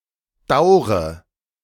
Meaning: inflection of dauern: 1. first-person singular present 2. first/third-person singular subjunctive I 3. singular imperative
- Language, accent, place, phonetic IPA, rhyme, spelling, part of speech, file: German, Germany, Berlin, [ˈdaʊ̯ʁə], -aʊ̯ʁə, daure, verb, De-daure.ogg